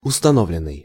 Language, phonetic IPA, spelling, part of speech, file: Russian, [ʊstɐˈnovlʲɪn(ː)ɨj], установленный, verb / adjective, Ru-установленный.ogg
- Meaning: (verb) past passive perfective participle of установи́ть (ustanovítʹ); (adjective) 1. statutory 2. fixed, set